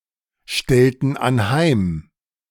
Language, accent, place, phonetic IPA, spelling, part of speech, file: German, Germany, Berlin, [ˌʃtɛltn̩ anˈhaɪ̯m], stellten anheim, verb, De-stellten anheim.ogg
- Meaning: inflection of anheimstellen: 1. first/third-person plural preterite 2. first/third-person plural subjunctive II